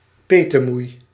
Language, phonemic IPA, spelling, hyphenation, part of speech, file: Dutch, /ˈpeː.təˌmui̯/, petemoei, pe‧te‧moei, noun, Nl-petemoei.ogg
- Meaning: godmother